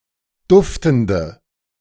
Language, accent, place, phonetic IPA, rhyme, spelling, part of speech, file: German, Germany, Berlin, [ˈdʊftn̩də], -ʊftn̩də, duftende, adjective, De-duftende.ogg
- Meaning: inflection of duftend: 1. strong/mixed nominative/accusative feminine singular 2. strong nominative/accusative plural 3. weak nominative all-gender singular 4. weak accusative feminine/neuter singular